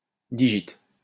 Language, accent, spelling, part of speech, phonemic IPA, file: French, France, digit, noun, /di.ʒit/, LL-Q150 (fra)-digit.wav
- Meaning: digit (number from 0-9)